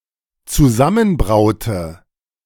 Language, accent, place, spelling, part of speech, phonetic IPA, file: German, Germany, Berlin, zusammenbraute, verb, [t͡suˈzamənˌbʁaʊ̯tə], De-zusammenbraute.ogg
- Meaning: inflection of zusammenbrauen: 1. first/third-person singular dependent preterite 2. first/third-person singular dependent subjunctive II